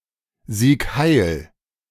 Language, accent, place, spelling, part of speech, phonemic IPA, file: German, Germany, Berlin, Sieg Heil, interjection, /ziːk haɪ̯l/, De-Sieg Heil.ogg
- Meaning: Sieg Heil